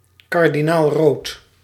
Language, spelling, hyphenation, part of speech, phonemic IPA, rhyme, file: Dutch, kardinaalrood, kar‧di‧naal‧rood, adjective, /kɑrdinaːlˈroːt/, -oːt, Nl-kardinaalrood.ogg
- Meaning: cardinal (color)